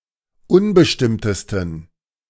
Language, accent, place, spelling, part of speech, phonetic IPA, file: German, Germany, Berlin, unbestimmtesten, adjective, [ˈʊnbəʃtɪmtəstn̩], De-unbestimmtesten.ogg
- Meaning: 1. superlative degree of unbestimmt 2. inflection of unbestimmt: strong genitive masculine/neuter singular superlative degree